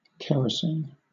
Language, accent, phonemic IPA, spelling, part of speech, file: English, Southern England, /ˈkɛɹəsiːn/, kerosene, noun, LL-Q1860 (eng)-kerosene.wav